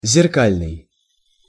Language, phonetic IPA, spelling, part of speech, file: Russian, [zʲɪrˈkalʲnɨj], зеркальный, adjective, Ru-зеркальный.ogg
- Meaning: 1. reflecting, mirror-like 2. very smooth 3. mirror